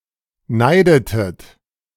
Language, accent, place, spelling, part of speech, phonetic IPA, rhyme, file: German, Germany, Berlin, neidetet, verb, [ˈnaɪ̯dətət], -aɪ̯dətət, De-neidetet.ogg
- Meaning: inflection of neiden: 1. second-person plural preterite 2. second-person plural subjunctive II